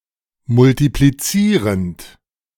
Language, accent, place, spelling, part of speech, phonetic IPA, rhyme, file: German, Germany, Berlin, multiplizierend, verb, [mʊltipliˈt͡siːʁənt], -iːʁənt, De-multiplizierend.ogg
- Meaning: present participle of multiplizieren